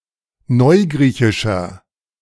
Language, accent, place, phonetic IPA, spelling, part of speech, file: German, Germany, Berlin, [ˈnɔɪ̯ˌɡʁiːçɪʃɐ], neugriechischer, adjective, De-neugriechischer.ogg
- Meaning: inflection of neugriechisch: 1. strong/mixed nominative masculine singular 2. strong genitive/dative feminine singular 3. strong genitive plural